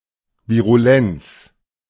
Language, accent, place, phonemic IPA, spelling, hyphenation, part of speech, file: German, Germany, Berlin, /viʁuˈlɛnt͡s/, Virulenz, Vi‧ru‧lenz, noun, De-Virulenz.ogg
- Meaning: virulence